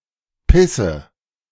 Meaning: inflection of pissen: 1. first-person singular present 2. first/third-person singular subjunctive I 3. singular imperative
- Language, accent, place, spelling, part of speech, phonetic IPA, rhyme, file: German, Germany, Berlin, pisse, verb, [ˈpɪsə], -ɪsə, De-pisse.ogg